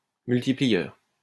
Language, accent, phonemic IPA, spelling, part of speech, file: French, France, /myl.ti.pli.jœʁ/, multiplieur, noun, LL-Q150 (fra)-multiplieur.wav
- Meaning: multiplier